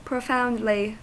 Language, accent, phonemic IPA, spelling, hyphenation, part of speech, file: English, US, /pɹəˈfaʊndli/, profoundly, pro‧found‧ly, adverb, En-us-profoundly.ogg
- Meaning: 1. With depth, meaningfully 2. Very importantly 3. Deeply; very; strongly or forcefully